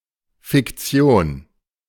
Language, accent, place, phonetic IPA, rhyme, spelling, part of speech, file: German, Germany, Berlin, [fɪkˈt͡si̯oːn], -oːn, Fiktion, noun, De-Fiktion.ogg
- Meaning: fiction (something fictitious)